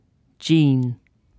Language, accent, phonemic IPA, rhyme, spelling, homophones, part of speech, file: English, UK, /d͡ʒiːn/, -iːn, jean, gene / Gene, noun, En-uk-jean.ogg
- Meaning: Denim